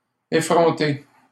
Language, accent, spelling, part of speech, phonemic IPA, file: French, Canada, effronté, adjective, /e.fʁɔ̃.te/, LL-Q150 (fra)-effronté.wav
- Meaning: insolent; cheeky; impudent